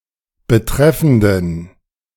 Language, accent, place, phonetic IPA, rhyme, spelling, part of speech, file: German, Germany, Berlin, [bəˈtʁɛfn̩dən], -ɛfn̩dən, betreffenden, adjective, De-betreffenden.ogg
- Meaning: inflection of betreffend: 1. strong genitive masculine/neuter singular 2. weak/mixed genitive/dative all-gender singular 3. strong/weak/mixed accusative masculine singular 4. strong dative plural